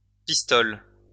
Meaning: 1. handgun, pistol 2. pistole (coin)
- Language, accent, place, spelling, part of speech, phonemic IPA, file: French, France, Lyon, pistole, noun, /pis.tɔl/, LL-Q150 (fra)-pistole.wav